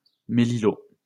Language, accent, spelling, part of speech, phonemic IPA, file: French, France, mélilot, noun, /me.li.lo/, LL-Q150 (fra)-mélilot.wav
- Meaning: melilot